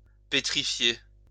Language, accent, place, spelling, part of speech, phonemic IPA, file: French, France, Lyon, pétrifier, verb, /pe.tʁi.fje/, LL-Q150 (fra)-pétrifier.wav
- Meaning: 1. to petrify (to turn to stone) 2. to petrify, to paralyze (to freeze with fear)